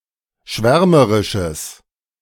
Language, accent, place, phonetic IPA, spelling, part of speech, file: German, Germany, Berlin, [ˈʃvɛʁməʁɪʃəs], schwärmerisches, adjective, De-schwärmerisches.ogg
- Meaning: strong/mixed nominative/accusative neuter singular of schwärmerisch